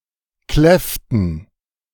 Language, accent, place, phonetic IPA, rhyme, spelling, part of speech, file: German, Germany, Berlin, [ˈklɛftn̩], -ɛftn̩, kläfften, verb, De-kläfften.ogg
- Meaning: inflection of kläffen: 1. first/third-person plural preterite 2. first/third-person plural subjunctive II